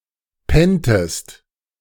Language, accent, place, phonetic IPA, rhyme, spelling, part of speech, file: German, Germany, Berlin, [ˈpɛntəst], -ɛntəst, penntest, verb, De-penntest.ogg
- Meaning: inflection of pennen: 1. second-person singular preterite 2. second-person singular subjunctive II